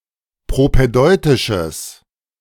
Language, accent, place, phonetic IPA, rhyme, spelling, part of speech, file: German, Germany, Berlin, [pʁopɛˈdɔɪ̯tɪʃəs], -ɔɪ̯tɪʃəs, propädeutisches, adjective, De-propädeutisches.ogg
- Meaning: strong/mixed nominative/accusative neuter singular of propädeutisch